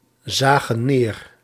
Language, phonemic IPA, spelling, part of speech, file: Dutch, /ˈzaɣə(n) ˈner/, zagen neer, verb, Nl-zagen neer.ogg
- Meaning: inflection of neerzien: 1. plural past indicative 2. plural past subjunctive